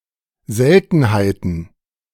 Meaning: plural of Seltenheit
- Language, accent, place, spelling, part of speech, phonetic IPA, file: German, Germany, Berlin, Seltenheiten, noun, [ˈzɛltn̩haɪ̯tn̩], De-Seltenheiten.ogg